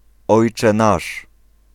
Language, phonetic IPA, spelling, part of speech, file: Polish, [ˈɔjt͡ʃɛ ˈnaʃ], Ojcze nasz, proper noun, Pl-Ojcze nasz.ogg